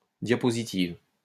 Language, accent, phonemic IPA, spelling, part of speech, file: French, France, /dja.pɔ.zi.tiv/, diapositive, noun, LL-Q150 (fra)-diapositive.wav
- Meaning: 1. slide (used with a projector for projecting images) 2. slide (of a presentation program)